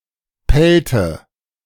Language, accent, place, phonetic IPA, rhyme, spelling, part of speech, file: German, Germany, Berlin, [ˈpɛltə], -ɛltə, pellte, verb, De-pellte.ogg
- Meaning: inflection of pellen: 1. first/third-person singular preterite 2. first/third-person singular subjunctive II